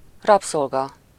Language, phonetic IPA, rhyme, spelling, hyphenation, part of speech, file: Hungarian, [ˈrɒpsolɡɒ], -ɡɒ, rabszolga, rab‧szol‧ga, noun, Hu-rabszolga.ogg
- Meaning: slave